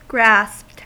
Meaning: simple past and past participle of grasp
- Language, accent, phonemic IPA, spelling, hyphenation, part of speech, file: English, US, /ɡɹæspt/, grasped, grasped, verb, En-us-grasped.ogg